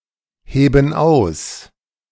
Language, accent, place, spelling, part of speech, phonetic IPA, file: German, Germany, Berlin, heben aus, verb, [ˌheːbn̩ ˈaʊ̯s], De-heben aus.ogg
- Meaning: inflection of ausheben: 1. first/third-person plural present 2. first/third-person plural subjunctive I